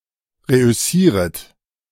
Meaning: second-person plural subjunctive I of reüssieren
- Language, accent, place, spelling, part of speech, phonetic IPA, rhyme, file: German, Germany, Berlin, reüssieret, verb, [ˌʁeʔʏˈsiːʁət], -iːʁət, De-reüssieret.ogg